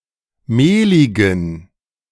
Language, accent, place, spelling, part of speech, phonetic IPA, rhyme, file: German, Germany, Berlin, mehligen, adjective, [ˈmeːlɪɡn̩], -eːlɪɡn̩, De-mehligen.ogg
- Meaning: inflection of mehlig: 1. strong genitive masculine/neuter singular 2. weak/mixed genitive/dative all-gender singular 3. strong/weak/mixed accusative masculine singular 4. strong dative plural